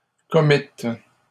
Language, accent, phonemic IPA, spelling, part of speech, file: French, Canada, /kɔ.mit/, commîtes, verb, LL-Q150 (fra)-commîtes.wav
- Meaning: second-person plural past historic of commettre